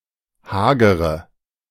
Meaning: inflection of hager: 1. strong/mixed nominative/accusative feminine singular 2. strong nominative/accusative plural 3. weak nominative all-gender singular 4. weak accusative feminine/neuter singular
- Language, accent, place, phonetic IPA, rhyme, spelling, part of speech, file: German, Germany, Berlin, [ˈhaːɡəʁə], -aːɡəʁə, hagere, adjective, De-hagere.ogg